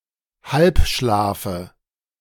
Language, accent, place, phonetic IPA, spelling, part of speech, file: German, Germany, Berlin, [ˈhalpˌʃlaːfə], Halbschlafe, noun, De-Halbschlafe.ogg
- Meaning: dative singular of Halbschlaf